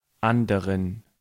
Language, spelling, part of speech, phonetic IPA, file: German, anderen, adjective, [ˈʔandəʁən], De-anderen.ogg
- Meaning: inflection of anderer: 1. strong genitive masculine/neuter singular 2. weak/mixed genitive/dative all-gender singular 3. strong/weak/mixed accusative masculine singular 4. strong dative plural